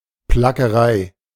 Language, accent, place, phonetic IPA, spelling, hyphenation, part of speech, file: German, Germany, Berlin, [plakəˈʁaɪ̯], Plackerei, Pla‧cke‧rei, noun, De-Plackerei.ogg
- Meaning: drudgery, difficult labor